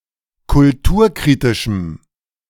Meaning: strong dative masculine/neuter singular of kulturkritisch
- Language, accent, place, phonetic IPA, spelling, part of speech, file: German, Germany, Berlin, [kʊlˈtuːɐ̯ˌkʁiːtɪʃm̩], kulturkritischem, adjective, De-kulturkritischem.ogg